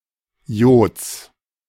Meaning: genitive singular of Jod
- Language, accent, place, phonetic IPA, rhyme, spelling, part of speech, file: German, Germany, Berlin, [joːt͡s], -oːt͡s, Jods, noun, De-Jods.ogg